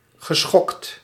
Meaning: past participle of schokken
- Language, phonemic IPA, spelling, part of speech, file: Dutch, /ɣəˈsxɔkt/, geschokt, adjective / verb, Nl-geschokt.ogg